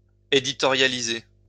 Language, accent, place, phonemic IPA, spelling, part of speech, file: French, France, Lyon, /e.di.tɔ.ʁja.li.ze/, éditorialiser, verb, LL-Q150 (fra)-éditorialiser.wav
- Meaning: to editorialize